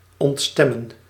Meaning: 1. to go out of tune 2. to displease
- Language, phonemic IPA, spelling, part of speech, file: Dutch, /ˌɔntˈstɛ.mə(n)/, ontstemmen, verb, Nl-ontstemmen.ogg